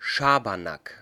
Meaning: hoax, prank, shenanigans
- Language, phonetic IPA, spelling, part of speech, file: German, [ˈʃaːbɐnak], Schabernack, noun, De-Schabernack.ogg